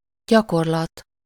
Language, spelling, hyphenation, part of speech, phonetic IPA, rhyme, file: Hungarian, gyakorlat, gya‧kor‧lat, noun, [ˈɟɒkorlɒt], -ɒt, Hu-gyakorlat.ogg
- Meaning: 1. exercise (any activity designed to develop or hone a skill or ability) 2. practice (repetition of an activity to improve a skill, in the abstract sense)